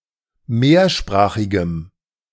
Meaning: strong dative masculine/neuter singular of mehrsprachig
- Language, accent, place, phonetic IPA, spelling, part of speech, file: German, Germany, Berlin, [ˈmeːɐ̯ˌʃpʁaːxɪɡəm], mehrsprachigem, adjective, De-mehrsprachigem.ogg